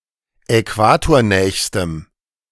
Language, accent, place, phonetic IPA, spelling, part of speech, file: German, Germany, Berlin, [ɛˈkvaːtoːɐ̯ˌnɛːçstəm], äquatornächstem, adjective, De-äquatornächstem.ogg
- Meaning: strong dative masculine/neuter singular superlative degree of äquatornah